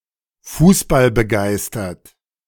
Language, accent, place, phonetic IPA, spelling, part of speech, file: German, Germany, Berlin, [ˈfuːsbalbəˌɡaɪ̯stɐt], fußballbegeistert, adjective, De-fußballbegeistert.ogg
- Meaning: enthusiastic for football